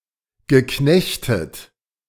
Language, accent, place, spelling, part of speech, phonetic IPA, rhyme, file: German, Germany, Berlin, geknechtet, verb, [ɡəˈknɛçtət], -ɛçtət, De-geknechtet.ogg
- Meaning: past participle of knechten